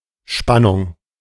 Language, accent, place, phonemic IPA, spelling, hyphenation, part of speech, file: German, Germany, Berlin, /ˈʃpanʊŋ/, Spannung, Span‧nung, noun, De-Spannung.ogg
- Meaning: 1. voltage 2. tension 3. suspense (emotion of anticipation, excitement, anxiety or apprehension)